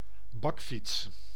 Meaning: a cargo bicycle, a freight bicycle
- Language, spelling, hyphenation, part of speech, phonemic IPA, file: Dutch, bakfiets, bak‧fiets, noun, /ˈbɑk.fits/, Nl-bakfiets.ogg